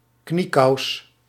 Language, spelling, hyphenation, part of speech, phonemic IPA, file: Dutch, kniekous, knie‧kous, noun, /ˈkni.kɑu̯s/, Nl-kniekous.ogg
- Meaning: a knee sock, a knee high